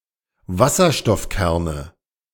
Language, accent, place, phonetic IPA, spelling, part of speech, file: German, Germany, Berlin, [ˈvasɐʃtɔfˌkɛʁnə], Wasserstoffkerne, noun, De-Wasserstoffkerne.ogg
- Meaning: nominative/accusative/genitive plural of Wasserstoffkern